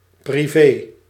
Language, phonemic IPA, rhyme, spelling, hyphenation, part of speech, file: Dutch, /priˈveː/, -eː, privé, pri‧vé, adjective, Nl-privé.ogg
- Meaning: private